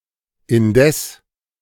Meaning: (adverb) 1. however, nevertheless 2. at the same time, meanwhile; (conjunction) 1. nevertheless, and yet 2. while (at the same time)
- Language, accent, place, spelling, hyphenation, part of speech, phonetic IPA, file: German, Germany, Berlin, indes, in‧des, adverb / conjunction, [ʔɪnˈdɛs], De-indes.ogg